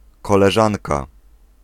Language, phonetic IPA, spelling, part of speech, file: Polish, [ˌkɔlɛˈʒãnka], koleżanka, noun, Pl-koleżanka.ogg